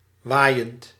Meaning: present participle of waaien
- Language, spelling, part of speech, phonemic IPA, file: Dutch, waaiend, verb, /ˈʋajənt/, Nl-waaiend.ogg